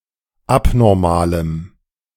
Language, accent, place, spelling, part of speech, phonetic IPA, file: German, Germany, Berlin, abnormalem, adjective, [ˈapnɔʁmaːləm], De-abnormalem.ogg
- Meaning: strong dative masculine/neuter singular of abnormal